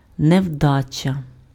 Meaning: 1. failure (opposite of success) 2. misfortune, mischance, bad luck, ill luck
- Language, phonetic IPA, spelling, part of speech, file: Ukrainian, [neu̯ˈdat͡ʃɐ], невдача, noun, Uk-невдача.ogg